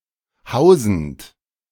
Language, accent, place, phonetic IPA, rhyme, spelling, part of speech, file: German, Germany, Berlin, [ˈhaʊ̯zn̩t], -aʊ̯zn̩t, hausend, verb, De-hausend.ogg
- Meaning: present participle of hausen